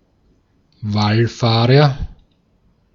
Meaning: pilgrim
- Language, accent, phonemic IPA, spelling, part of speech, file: German, Austria, /ˈvalˌfaːʁɐ/, Wallfahrer, noun, De-at-Wallfahrer.ogg